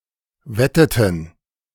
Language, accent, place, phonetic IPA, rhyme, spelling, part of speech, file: German, Germany, Berlin, [ˈvɛtətn̩], -ɛtətn̩, wetteten, verb, De-wetteten.ogg
- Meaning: inflection of wetten: 1. first/third-person plural preterite 2. first/third-person plural subjunctive II